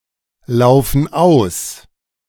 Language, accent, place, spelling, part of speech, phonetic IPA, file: German, Germany, Berlin, laufen aus, verb, [ˌlaʊ̯fn̩ ˈaʊ̯s], De-laufen aus.ogg
- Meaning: inflection of auslaufen: 1. first/third-person plural present 2. first/third-person plural subjunctive I